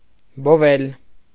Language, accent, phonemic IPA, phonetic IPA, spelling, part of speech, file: Armenian, Eastern Armenian, /boˈvel/, [bovél], բովել, verb, Hy-բովել.ogg
- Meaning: to roast